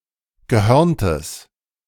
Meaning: strong/mixed nominative/accusative neuter singular of gehörnt
- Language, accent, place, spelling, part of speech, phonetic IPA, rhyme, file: German, Germany, Berlin, gehörntes, adjective, [ɡəˈhœʁntəs], -œʁntəs, De-gehörntes.ogg